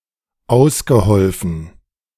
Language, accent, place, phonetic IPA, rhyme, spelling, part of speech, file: German, Germany, Berlin, [ˈaʊ̯sɡəˌhɔlfn̩], -aʊ̯sɡəhɔlfn̩, ausgeholfen, verb, De-ausgeholfen.ogg
- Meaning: past participle of aushelfen